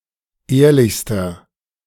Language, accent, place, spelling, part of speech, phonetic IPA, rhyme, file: German, Germany, Berlin, ehrlichster, adjective, [ˈeːɐ̯lɪçstɐ], -eːɐ̯lɪçstɐ, De-ehrlichster.ogg
- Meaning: inflection of ehrlich: 1. strong/mixed nominative masculine singular superlative degree 2. strong genitive/dative feminine singular superlative degree 3. strong genitive plural superlative degree